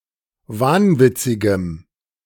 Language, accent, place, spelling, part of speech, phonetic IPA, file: German, Germany, Berlin, wahnwitzigem, adjective, [ˈvaːnˌvɪt͡sɪɡəm], De-wahnwitzigem.ogg
- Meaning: strong dative masculine/neuter singular of wahnwitzig